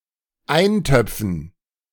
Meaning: dative plural of Eintopf
- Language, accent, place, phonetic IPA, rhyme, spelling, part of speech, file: German, Germany, Berlin, [ˈaɪ̯nˌtœp͡fn̩], -aɪ̯ntœp͡fn̩, Eintöpfen, noun, De-Eintöpfen.ogg